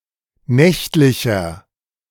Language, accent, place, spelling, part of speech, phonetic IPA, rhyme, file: German, Germany, Berlin, nächtlicher, adjective, [ˈnɛçtlɪçɐ], -ɛçtlɪçɐ, De-nächtlicher.ogg
- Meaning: inflection of nächtlich: 1. strong/mixed nominative masculine singular 2. strong genitive/dative feminine singular 3. strong genitive plural